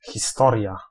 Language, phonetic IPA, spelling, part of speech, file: Polish, [xʲiˈstɔrʲja], historia, noun, Pl-historia.ogg